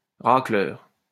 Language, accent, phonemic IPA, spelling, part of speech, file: French, France, /ʁa.klœʁ/, racleur, noun, LL-Q150 (fra)-racleur.wav
- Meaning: scraper (tool)